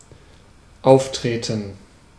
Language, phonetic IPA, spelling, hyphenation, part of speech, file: German, [ˈʔaʊ̯ftʁeːtn̩], auftreten, auf‧tre‧ten, verb, De-auftreten.ogg
- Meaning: 1. to occur, appear, arise (suddenly) 2. to perform, appear, go on stage/onstage, 3. to enter the stage 4. to behave in a certain way, to appear 5. to tread, to put/place the foot on the floor